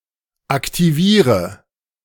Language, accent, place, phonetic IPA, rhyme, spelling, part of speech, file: German, Germany, Berlin, [aktiˈviːʁə], -iːʁə, aktiviere, verb, De-aktiviere.ogg
- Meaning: inflection of aktivieren: 1. first-person singular present 2. singular imperative 3. first/third-person singular subjunctive I